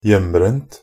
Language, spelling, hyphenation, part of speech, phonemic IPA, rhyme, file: Norwegian Bokmål, hjembrent, hjem‧brent, noun, /ˈjɛmːbrɛnt/, -ɛnt, Nb-hjembrent.ogg
- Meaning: alternative spelling of hjemmebrent (“moonshine”)